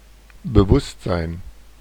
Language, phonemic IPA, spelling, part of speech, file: German, /bəˈvʊstzaɪ̯n/, Bewusstsein, noun, De-Bewusstsein.oga
- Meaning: consciousness, awareness